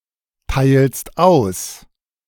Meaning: second-person singular present of austeilen
- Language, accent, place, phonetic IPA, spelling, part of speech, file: German, Germany, Berlin, [ˌtaɪ̯lst ˈaʊ̯s], teilst aus, verb, De-teilst aus.ogg